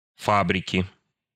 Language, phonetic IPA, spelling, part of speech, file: Russian, [ˈfabrʲɪkʲɪ], фабрики, noun, Ru-фабрики.ogg
- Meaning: inflection of фа́брика (fábrika): 1. genitive singular 2. nominative/accusative plural